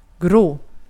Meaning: 1. grey 2. boring, dull; with a boring appearance
- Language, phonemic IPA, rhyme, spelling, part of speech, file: Swedish, /ɡroː/, -oː, grå, adjective, Sv-grå.ogg